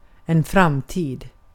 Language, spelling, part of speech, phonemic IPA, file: Swedish, framtid, noun, /ˈframˌtiːd/, Sv-framtid.ogg
- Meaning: 1. future 2. to postpone (see skjuta)